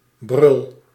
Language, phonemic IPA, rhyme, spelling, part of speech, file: Dutch, /brʏl/, -ʏl, brul, noun / verb, Nl-brul.ogg
- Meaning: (noun) a roar; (verb) inflection of brullen: 1. first-person singular present indicative 2. second-person singular present indicative 3. imperative